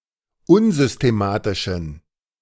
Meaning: inflection of unsystematisch: 1. strong genitive masculine/neuter singular 2. weak/mixed genitive/dative all-gender singular 3. strong/weak/mixed accusative masculine singular 4. strong dative plural
- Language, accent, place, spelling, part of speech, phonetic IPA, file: German, Germany, Berlin, unsystematischen, adjective, [ˈʊnzʏsteˌmaːtɪʃn̩], De-unsystematischen.ogg